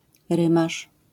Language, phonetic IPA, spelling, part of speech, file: Polish, [ˈrɨ̃maʃ], rymarz, noun, LL-Q809 (pol)-rymarz.wav